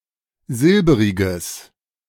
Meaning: strong/mixed nominative/accusative neuter singular of silberig
- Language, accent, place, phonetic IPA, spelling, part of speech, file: German, Germany, Berlin, [ˈzɪlbəʁɪɡəs], silberiges, adjective, De-silberiges.ogg